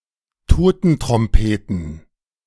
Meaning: plural of Totentrompete
- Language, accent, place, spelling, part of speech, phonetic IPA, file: German, Germany, Berlin, Totentrompeten, noun, [ˈtoːtn̩tʁɔmˌpeːtn̩], De-Totentrompeten.ogg